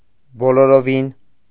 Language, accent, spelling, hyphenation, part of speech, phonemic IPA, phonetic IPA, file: Armenian, Eastern Armenian, բոլորովին, բո‧լո‧րո‧վին, adverb, /boloɾoˈvin/, [boloɾovín], Hy-բոլորովին.ogg
- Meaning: absolutely, quite, totally, utterly